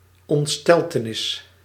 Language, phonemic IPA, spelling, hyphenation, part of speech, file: Dutch, /ɔntˈstɛl.təˌnɪs/, ontsteltenis, ont‧stel‧te‧nis, noun, Nl-ontsteltenis.ogg
- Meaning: 1. confusion, shock, consternation 2. horror, terror